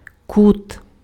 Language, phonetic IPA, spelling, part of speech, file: Ukrainian, [kut], кут, noun, Uk-кут.ogg
- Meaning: 1. corner 2. angle